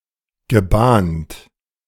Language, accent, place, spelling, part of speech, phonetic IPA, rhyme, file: German, Germany, Berlin, gebahnt, verb, [ɡəˈbaːnt], -aːnt, De-gebahnt.ogg
- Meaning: past participle of bahnen